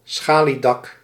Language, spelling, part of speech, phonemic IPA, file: Dutch, schaliedak, noun, /ˈsxaːlidɑk/, Nl-schaliedak.ogg
- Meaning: shale roof